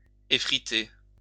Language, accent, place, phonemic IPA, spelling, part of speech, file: French, France, Lyon, /e.fʁi.te/, effriter, verb, LL-Q150 (fra)-effriter.wav
- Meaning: 1. to break up, crumble 2. to crumble